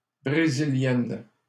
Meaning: female equivalent of Brésilien
- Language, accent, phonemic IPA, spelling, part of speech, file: French, Canada, /bʁe.zi.ljɛn/, Brésilienne, noun, LL-Q150 (fra)-Brésilienne.wav